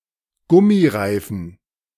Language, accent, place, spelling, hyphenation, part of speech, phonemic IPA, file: German, Germany, Berlin, Gummireifen, Gum‧mi‧rei‧fen, noun, /ˈɡʊmiˌʁaɪ̯fn̩/, De-Gummireifen.ogg
- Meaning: rubber tire, rubber tyre